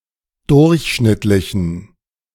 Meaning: inflection of durchschnittlich: 1. strong genitive masculine/neuter singular 2. weak/mixed genitive/dative all-gender singular 3. strong/weak/mixed accusative masculine singular
- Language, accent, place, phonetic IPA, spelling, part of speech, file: German, Germany, Berlin, [ˈdʊʁçˌʃnɪtlɪçn̩], durchschnittlichen, adjective, De-durchschnittlichen.ogg